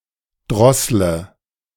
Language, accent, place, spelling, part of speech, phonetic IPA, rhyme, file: German, Germany, Berlin, drossle, verb, [ˈdʁɔslə], -ɔslə, De-drossle.ogg
- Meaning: inflection of drosseln: 1. first-person singular present 2. singular imperative 3. first/third-person singular subjunctive I